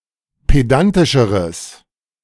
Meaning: strong/mixed nominative/accusative neuter singular comparative degree of pedantisch
- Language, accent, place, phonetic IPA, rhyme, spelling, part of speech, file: German, Germany, Berlin, [ˌpeˈdantɪʃəʁəs], -antɪʃəʁəs, pedantischeres, adjective, De-pedantischeres.ogg